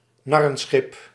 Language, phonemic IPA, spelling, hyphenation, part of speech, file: Dutch, /ˈnɑ.rə(n)ˌsxɪp/, narrenschip, nar‧ren‧schip, noun, Nl-narrenschip.ogg
- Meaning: ship of fools